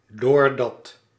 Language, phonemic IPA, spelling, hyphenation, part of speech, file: Dutch, /doːrˈdɑt/, doordat, door‧dat, conjunction, Nl-doordat.ogg
- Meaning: because (implying an external cause)